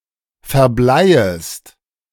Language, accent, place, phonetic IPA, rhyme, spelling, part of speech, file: German, Germany, Berlin, [fɛɐ̯ˈblaɪ̯əst], -aɪ̯əst, verbleiest, verb, De-verbleiest.ogg
- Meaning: second-person singular subjunctive I of verbleien